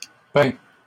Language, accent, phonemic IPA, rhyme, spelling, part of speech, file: French, Canada, /pɛ̃/, -ɛ̃, peins, verb, LL-Q150 (fra)-peins.wav
- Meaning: inflection of peindre: 1. first/second-person singular present indicative 2. second-person singular imperative